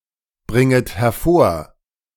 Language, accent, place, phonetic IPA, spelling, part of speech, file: German, Germany, Berlin, [ˌbʁɪŋət hɛɐ̯ˈfoːɐ̯], bringet hervor, verb, De-bringet hervor.ogg
- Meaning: second-person plural subjunctive I of hervorbringen